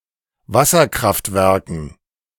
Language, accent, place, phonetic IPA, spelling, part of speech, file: German, Germany, Berlin, [ˈvasɐˌkʁaftvɛʁkn̩], Wasserkraftwerken, noun, De-Wasserkraftwerken.ogg
- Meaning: dative plural of Wasserkraftwerk